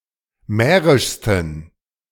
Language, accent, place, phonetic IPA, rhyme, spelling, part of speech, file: German, Germany, Berlin, [ˈmɛːʁɪʃstn̩], -ɛːʁɪʃstn̩, mährischsten, adjective, De-mährischsten.ogg
- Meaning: 1. superlative degree of mährisch 2. inflection of mährisch: strong genitive masculine/neuter singular superlative degree